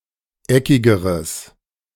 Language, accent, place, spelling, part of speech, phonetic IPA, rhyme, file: German, Germany, Berlin, eckigeres, adjective, [ˈɛkɪɡəʁəs], -ɛkɪɡəʁəs, De-eckigeres.ogg
- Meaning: strong/mixed nominative/accusative neuter singular comparative degree of eckig